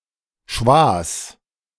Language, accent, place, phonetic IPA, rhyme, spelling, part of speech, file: German, Germany, Berlin, [ʃvaːs], -aːs, Schwas, noun, De-Schwas.ogg
- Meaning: plural of Schwa